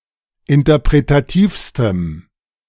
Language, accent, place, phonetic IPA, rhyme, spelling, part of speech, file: German, Germany, Berlin, [ɪntɐpʁetaˈtiːfstəm], -iːfstəm, interpretativstem, adjective, De-interpretativstem.ogg
- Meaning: strong dative masculine/neuter singular superlative degree of interpretativ